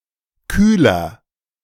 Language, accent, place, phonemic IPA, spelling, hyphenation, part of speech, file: German, Germany, Berlin, /ˈkyːlɐ/, Kühler, Küh‧ler, noun, De-Kühler.ogg
- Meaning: 1. cooler (anything that cools) 2. radiator (auto part)